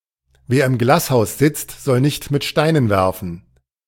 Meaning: people who live in glass houses shouldn't throw stones
- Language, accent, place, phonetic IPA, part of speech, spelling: German, Germany, Berlin, [ˈveːɐ̯ ɪm ˈɡlaːsˌhaʊ̯s ˈzɪt͡st | ˈzɔl nɪçt mɪt ˈʃtaɪ̯nən ˈvɛʁfn̩], proverb, wer im Glashaus sitzt, soll nicht mit Steinen werfen